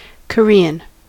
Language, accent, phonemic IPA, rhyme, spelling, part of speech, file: English, US, /kəˈɹi.ən/, -iːən, Korean, adjective / proper noun / noun, En-us-Korean.ogg
- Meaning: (adjective) 1. Of or relating to the Asian Peninsula comprising North Korea and South Korea 2. Of or relating to the Korean language